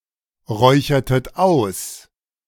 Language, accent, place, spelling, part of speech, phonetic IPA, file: German, Germany, Berlin, räuchertet aus, verb, [ˌʁɔɪ̯çɐtət ˈaʊ̯s], De-räuchertet aus.ogg
- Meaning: inflection of ausräuchern: 1. second-person plural preterite 2. second-person plural subjunctive II